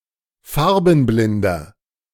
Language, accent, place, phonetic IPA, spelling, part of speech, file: German, Germany, Berlin, [ˈfaʁbn̩ˌblɪndɐ], farbenblinder, adjective, De-farbenblinder.ogg
- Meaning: inflection of farbenblind: 1. strong/mixed nominative masculine singular 2. strong genitive/dative feminine singular 3. strong genitive plural